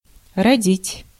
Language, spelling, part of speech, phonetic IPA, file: Russian, родить, verb, [rɐˈdʲitʲ], Ru-родить.ogg
- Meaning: 1. to give birth 2. to give rise to 3. to bear, to yield (of land)